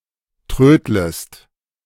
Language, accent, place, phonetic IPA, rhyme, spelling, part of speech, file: German, Germany, Berlin, [ˈtʁøːdləst], -øːdləst, trödlest, verb, De-trödlest.ogg
- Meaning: second-person singular subjunctive I of trödeln